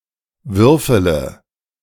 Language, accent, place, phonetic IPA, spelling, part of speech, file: German, Germany, Berlin, [ˈvʏʁfələ], würfele, verb, De-würfele.ogg
- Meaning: inflection of würfeln: 1. first-person singular present 2. singular imperative 3. first/third-person singular subjunctive I